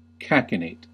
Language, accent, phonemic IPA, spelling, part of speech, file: English, US, /ˈkækɪneɪt/, cachinnate, verb, En-us-cachinnate.ogg
- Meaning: To laugh immoderately, loudly, or too often